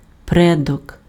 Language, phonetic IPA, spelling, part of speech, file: Ukrainian, [ˈprɛdɔk], предок, noun, Uk-предок.ogg
- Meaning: ancestor, forebear, forefather